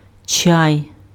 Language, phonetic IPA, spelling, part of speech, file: Ukrainian, [t͡ʃai̯], чай, noun, Uk-чай.ogg
- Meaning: 1. tea 2. teatime